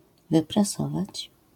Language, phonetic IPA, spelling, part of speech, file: Polish, [ˌvɨpraˈsɔvat͡ɕ], wyprasować, verb, LL-Q809 (pol)-wyprasować.wav